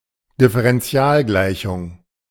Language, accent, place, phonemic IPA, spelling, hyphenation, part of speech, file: German, Germany, Berlin, /dɪfəʁɛnˈtsi̯aːlˌɡlaɪ̯çʊŋ/, Differentialgleichung, Dif‧fe‧ren‧ti‧al‧glei‧chung, noun, De-Differentialgleichung.ogg
- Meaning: differential equation (equation involving the derivatives of a function)